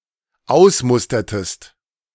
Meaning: inflection of ausmustern: 1. second-person singular dependent preterite 2. second-person singular dependent subjunctive II
- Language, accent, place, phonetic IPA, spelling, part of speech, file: German, Germany, Berlin, [ˈaʊ̯sˌmʊstɐtəst], ausmustertest, verb, De-ausmustertest.ogg